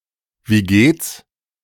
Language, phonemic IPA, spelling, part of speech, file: German, /viˈɡeːts/, wie geht's, phrase, De-Wie geht's?.ogg
- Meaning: how are you?